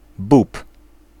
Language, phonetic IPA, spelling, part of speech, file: Polish, [bup], bób, noun, Pl-bób.ogg